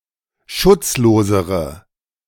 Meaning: inflection of schutzlos: 1. strong/mixed nominative/accusative feminine singular comparative degree 2. strong nominative/accusative plural comparative degree
- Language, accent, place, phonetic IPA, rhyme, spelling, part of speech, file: German, Germany, Berlin, [ˈʃʊt͡sˌloːzəʁə], -ʊt͡sloːzəʁə, schutzlosere, adjective, De-schutzlosere.ogg